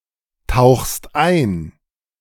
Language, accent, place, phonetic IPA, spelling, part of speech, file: German, Germany, Berlin, [ˌtaʊ̯xst ˈaɪ̯n], tauchst ein, verb, De-tauchst ein.ogg
- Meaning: second-person singular present of eintauchen